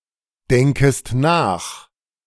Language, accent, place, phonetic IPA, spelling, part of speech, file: German, Germany, Berlin, [ˌdɛŋkəst ˈnaːx], denkest nach, verb, De-denkest nach.ogg
- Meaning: second-person singular subjunctive I of nachdenken